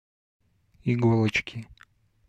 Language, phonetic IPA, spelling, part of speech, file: Russian, [ɪˈɡoɫət͡ɕkʲɪ], иголочки, noun, Ru-иголочки.ogg
- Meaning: inflection of иго́лочка (igóločka): 1. genitive singular 2. nominative/accusative plural